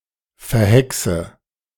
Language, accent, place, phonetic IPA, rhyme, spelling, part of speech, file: German, Germany, Berlin, [fɛɐ̯ˈhɛksə], -ɛksə, verhexe, verb, De-verhexe.ogg
- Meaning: inflection of verhexen: 1. first-person singular present 2. first/third-person singular subjunctive I 3. singular imperative